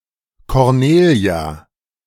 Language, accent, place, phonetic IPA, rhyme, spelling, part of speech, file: German, Germany, Berlin, [kɔʁˈneːli̯a], -eːli̯a, Cornelia, proper noun, De-Cornelia.ogg
- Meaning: a female given name